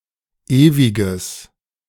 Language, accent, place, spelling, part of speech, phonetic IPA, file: German, Germany, Berlin, ewiges, adjective, [ˈeːvɪɡəs], De-ewiges.ogg
- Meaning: strong/mixed nominative/accusative neuter singular of ewig